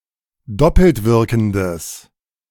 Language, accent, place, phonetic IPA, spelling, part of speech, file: German, Germany, Berlin, [ˈdɔpl̩tˌvɪʁkn̩dəs], doppeltwirkendes, adjective, De-doppeltwirkendes.ogg
- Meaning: strong/mixed nominative/accusative neuter singular of doppeltwirkend